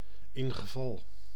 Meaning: if, in case
- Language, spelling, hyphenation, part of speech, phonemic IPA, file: Dutch, ingeval, in‧ge‧val, conjunction, /ˌɪŋ.ɣəˈvɑl/, Nl-ingeval.ogg